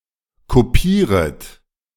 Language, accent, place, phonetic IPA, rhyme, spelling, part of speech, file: German, Germany, Berlin, [koˈpiːʁət], -iːʁət, kopieret, verb, De-kopieret.ogg
- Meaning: second-person plural subjunctive I of kopieren